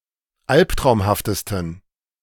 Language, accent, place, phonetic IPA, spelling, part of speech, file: German, Germany, Berlin, [ˈalptʁaʊ̯mhaftəstn̩], alptraumhaftesten, adjective, De-alptraumhaftesten.ogg
- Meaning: 1. superlative degree of alptraumhaft 2. inflection of alptraumhaft: strong genitive masculine/neuter singular superlative degree